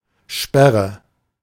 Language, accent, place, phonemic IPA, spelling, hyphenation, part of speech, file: German, Germany, Berlin, /ˈʃpɛʁə/, Sperre, Sper‧re, noun, De-Sperre.ogg
- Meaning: 1. barrier 2. cut 3. ban